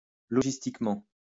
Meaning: logistically
- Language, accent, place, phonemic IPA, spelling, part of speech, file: French, France, Lyon, /lɔ.ʒis.tik.mɑ̃/, logistiquement, adverb, LL-Q150 (fra)-logistiquement.wav